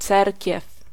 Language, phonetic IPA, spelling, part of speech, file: Polish, [ˈt͡sɛrʲcɛf], cerkiew, noun, Pl-cerkiew.ogg